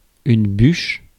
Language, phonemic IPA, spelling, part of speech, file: French, /byʃ/, bûche, noun, Fr-bûche.ogg
- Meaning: log